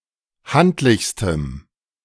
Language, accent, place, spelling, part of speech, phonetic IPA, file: German, Germany, Berlin, handlichstem, adjective, [ˈhantlɪçstəm], De-handlichstem.ogg
- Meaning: strong dative masculine/neuter singular superlative degree of handlich